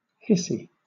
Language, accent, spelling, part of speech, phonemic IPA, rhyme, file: English, Southern England, hissy, adjective / noun, /ˈhɪsi/, -ɪsi, LL-Q1860 (eng)-hissy.wav
- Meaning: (adjective) 1. Accompanied with hisses 2. Making a hissing sound 3. Childish or petulant; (noun) A tantrum, a fit